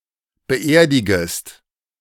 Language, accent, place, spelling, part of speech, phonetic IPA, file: German, Germany, Berlin, beerdigest, verb, [bəˈʔeːɐ̯dɪɡəst], De-beerdigest.ogg
- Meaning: second-person singular subjunctive I of beerdigen